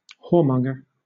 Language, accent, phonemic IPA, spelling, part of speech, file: English, Southern England, /ˈhɔːˌmʌŋ.ɡə/, whoremonger, noun, LL-Q1860 (eng)-whoremonger.wav
- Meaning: A frequent customer of whores